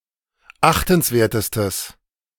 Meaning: strong/mixed nominative/accusative neuter singular superlative degree of achtenswert
- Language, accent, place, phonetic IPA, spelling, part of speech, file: German, Germany, Berlin, [ˈaxtn̩sˌveːɐ̯təstəs], achtenswertestes, adjective, De-achtenswertestes.ogg